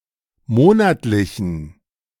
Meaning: inflection of monatlich: 1. strong genitive masculine/neuter singular 2. weak/mixed genitive/dative all-gender singular 3. strong/weak/mixed accusative masculine singular 4. strong dative plural
- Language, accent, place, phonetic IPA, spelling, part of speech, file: German, Germany, Berlin, [ˈmoːnatlɪçn̩], monatlichen, adjective, De-monatlichen.ogg